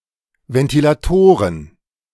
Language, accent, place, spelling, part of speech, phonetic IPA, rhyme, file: German, Germany, Berlin, Ventilatoren, noun, [vɛntilaˈtoːʁən], -oːʁən, De-Ventilatoren.ogg
- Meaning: plural of Ventilator